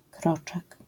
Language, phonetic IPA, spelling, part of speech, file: Polish, [ˈkrɔt͡ʃɛk], kroczek, noun, LL-Q809 (pol)-kroczek.wav